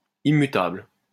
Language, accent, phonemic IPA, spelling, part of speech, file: French, France, /i.my.tabl/, immutable, adjective, LL-Q150 (fra)-immutable.wav
- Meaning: immutable